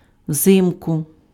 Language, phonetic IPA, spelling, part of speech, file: Ukrainian, [ˈwzɪmkʊ], взимку, adverb, Uk-взимку.ogg
- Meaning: in winter, in the winter